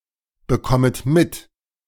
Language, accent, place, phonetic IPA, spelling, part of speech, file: German, Germany, Berlin, [bəˌkɔmət ˈmɪt], bekommet mit, verb, De-bekommet mit.ogg
- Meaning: second-person plural subjunctive I of mitbekommen